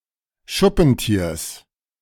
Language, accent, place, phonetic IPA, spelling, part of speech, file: German, Germany, Berlin, [ˈʃʊpn̩ˌtiːɐ̯s], Schuppentiers, noun, De-Schuppentiers.ogg
- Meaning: genitive singular of Schuppentier